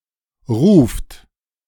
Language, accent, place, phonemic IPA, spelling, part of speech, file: German, Germany, Berlin, /ʁuːft/, ruft, verb, De-ruft.ogg
- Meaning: inflection of rufen: 1. third-person singular present 2. second-person plural present 3. plural imperative